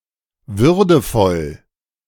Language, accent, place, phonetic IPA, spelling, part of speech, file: German, Germany, Berlin, [ˈvʏʁdəfɔl], würdevoll, adjective, De-würdevoll.ogg
- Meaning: dignified